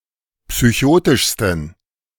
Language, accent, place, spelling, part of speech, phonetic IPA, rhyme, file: German, Germany, Berlin, psychotischsten, adjective, [psyˈçoːtɪʃstn̩], -oːtɪʃstn̩, De-psychotischsten.ogg
- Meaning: 1. superlative degree of psychotisch 2. inflection of psychotisch: strong genitive masculine/neuter singular superlative degree